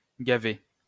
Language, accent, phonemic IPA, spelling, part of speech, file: French, France, /ɡa.ve/, gaver, verb, LL-Q150 (fra)-gaver.wav
- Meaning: 1. to force-feed 2. to gorge oneself; to overeat 3. to fill up, exasperate